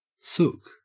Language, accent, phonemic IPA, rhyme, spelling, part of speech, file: English, Australia, /sʊk/, -ʊk, sook, noun, En-au-sook.ogg
- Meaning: 1. A crybaby, a complainer, a whinger; a shy or timid person, a wimp; a coward 2. A sulk or complaint; an act of sulking